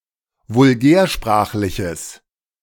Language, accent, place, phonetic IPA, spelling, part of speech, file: German, Germany, Berlin, [vʊlˈɡɛːɐ̯ˌʃpʁaːxlɪçəs], vulgärsprachliches, adjective, De-vulgärsprachliches.ogg
- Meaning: strong/mixed nominative/accusative neuter singular of vulgärsprachlich